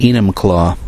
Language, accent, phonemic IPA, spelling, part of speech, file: English, US, /ˈi.nʌmˌklɔ/, Enumclaw, proper noun, En-us-Enumclaw.ogg
- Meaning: A city in King County, Washington, United States